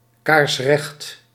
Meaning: dead straight, perfectly straight
- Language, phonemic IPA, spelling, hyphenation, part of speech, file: Dutch, /kaːrsˈrɛxt/, kaarsrecht, kaars‧recht, adjective, Nl-kaarsrecht.ogg